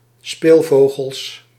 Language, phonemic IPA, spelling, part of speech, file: Dutch, /ˈspelvoɣəls/, speelvogels, noun, Nl-speelvogels.ogg
- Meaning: plural of speelvogel